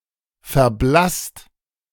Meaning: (adjective) 1. pale, discolored 2. grammaticalized through semantic bleaching; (verb) 1. past participle of verblassen 2. inflection of verblassen: second/third-person singular present
- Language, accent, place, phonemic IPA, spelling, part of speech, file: German, Germany, Berlin, /fɛɐ̯ˈblast/, verblasst, adjective / verb, De-verblasst.ogg